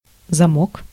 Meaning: 1. lock (fastener that opens with a key, or part of a firearm) 2. keystone 3. clasp, fastener
- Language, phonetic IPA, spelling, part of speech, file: Russian, [zɐˈmok], замок, noun, Ru-замок.ogg